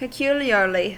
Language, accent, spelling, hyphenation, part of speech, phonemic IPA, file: English, US, peculiarly, pe‧cu‧liar‧ly, adverb, /pɪˈkjuljɚli/, En-us-peculiarly.ogg
- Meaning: Such as to be greater than usual; particularly; exceptionally.: 1. To greater degree than is usual 2. In a manner that is greater than usual